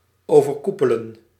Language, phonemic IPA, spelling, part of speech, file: Dutch, /ˌoː.vərˈku.pə.lə(n)/, overkoepelen, verb, Nl-overkoepelen.ogg
- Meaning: to form an association with a common purpose or an umbrella organization